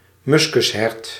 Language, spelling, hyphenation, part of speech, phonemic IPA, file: Dutch, muskushert, muskus‧hert, noun, /ˈmʏs.kʏsˌɦɛrt/, Nl-muskushert.ogg
- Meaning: a musk deer, a deer of the genus Moschus; but formerly also used of the mouse deer